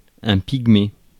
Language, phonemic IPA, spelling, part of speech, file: French, /piɡ.me/, pygmée, noun, Fr-pygmée.ogg
- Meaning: pygmy